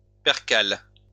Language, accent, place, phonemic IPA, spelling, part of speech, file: French, France, Lyon, /pɛʁ.kal/, percale, noun, LL-Q150 (fra)-percale.wav
- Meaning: percale